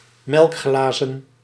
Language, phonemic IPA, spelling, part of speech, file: Dutch, /ˈmɛlᵊkˌxlɑzə(n)/, melkglazen, noun, Nl-melkglazen.ogg
- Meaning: plural of melkglas